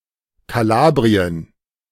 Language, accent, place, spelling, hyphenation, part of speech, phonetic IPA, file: German, Germany, Berlin, Kalabrien, Ka‧la‧b‧ri‧en, proper noun, [kaˈlaːbʁiən], De-Kalabrien.ogg
- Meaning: Calabria (a peninsula and administrative region of southern Italy)